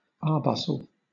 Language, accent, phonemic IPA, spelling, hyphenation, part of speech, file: English, Southern England, /ˈɑːbʌs(ə)l/, arbuscle, ar‧bus‧cle, noun, LL-Q1860 (eng)-arbuscle.wav
- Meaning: 1. A plant midway in height between a shrub and a tree; a dwarf tree 2. A branched hypha in some fungi